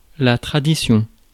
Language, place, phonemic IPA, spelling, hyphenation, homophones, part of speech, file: French, Paris, /tʁa.di.sjɔ̃/, tradition, tra‧di‧tion, traditions, noun, Fr-tradition.ogg
- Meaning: 1. tradition 2. a type of baguette or French stick